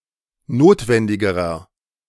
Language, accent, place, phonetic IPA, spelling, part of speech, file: German, Germany, Berlin, [ˈnoːtvɛndɪɡəʁɐ], notwendigerer, adjective, De-notwendigerer.ogg
- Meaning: inflection of notwendig: 1. strong/mixed nominative masculine singular comparative degree 2. strong genitive/dative feminine singular comparative degree 3. strong genitive plural comparative degree